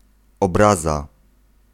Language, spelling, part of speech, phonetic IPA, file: Polish, obraza, noun, [ɔbˈraza], Pl-obraza.ogg